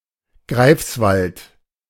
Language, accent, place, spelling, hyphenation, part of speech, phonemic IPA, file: German, Germany, Berlin, Greifswald, Greifs‧wald, proper noun, /ˈɡʁaɪ̯fsvalt/, De-Greifswald.ogg
- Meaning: Greifswald (a town, the administrative seat of Vorpommern-Greifswald district, Mecklenburg-Vorpommern)